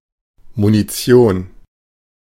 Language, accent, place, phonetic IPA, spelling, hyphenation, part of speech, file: German, Germany, Berlin, [muniˈt͡si̯oːn], Munition, Mu‧ni‧ti‧on, noun, De-Munition.ogg
- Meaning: ammunition, munition